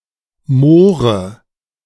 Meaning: obsolete form of Möhre
- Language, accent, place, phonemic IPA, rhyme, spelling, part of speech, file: German, Germany, Berlin, /ˈmoːrə/, -oːrə, Mohre, noun, De-Mohre.ogg